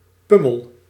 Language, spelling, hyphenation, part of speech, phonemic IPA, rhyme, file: Dutch, pummel, pum‧mel, noun, /ˈpʏ.məl/, -ʏməl, Nl-pummel.ogg
- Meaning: bumpkin (unsophisticated person, usually male)